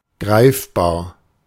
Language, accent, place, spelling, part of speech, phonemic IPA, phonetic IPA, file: German, Germany, Berlin, greifbar, adjective, /ˈɡʁaɪ̯fˌbaːʁ/, [ˈɡʁaɪ̯fˌbaːɐ̯], De-greifbar.ogg
- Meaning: palpable, tangible